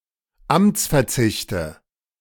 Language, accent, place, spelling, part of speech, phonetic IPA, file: German, Germany, Berlin, Amtsverzichte, noun, [ˈamt͡sfɛɐ̯ˌt͡sɪçtə], De-Amtsverzichte.ogg
- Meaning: nominative/accusative/genitive plural of Amtsverzicht